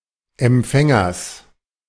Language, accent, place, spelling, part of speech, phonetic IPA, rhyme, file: German, Germany, Berlin, Empfängers, noun, [ɛmˈp͡fɛŋɐs], -ɛŋɐs, De-Empfängers.ogg
- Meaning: genitive singular of Empfänger